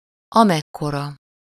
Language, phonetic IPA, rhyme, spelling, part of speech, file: Hungarian, [ˈɒmɛkːorɒ], -rɒ, amekkora, pronoun, Hu-amekkora.ogg
- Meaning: as large as, as much as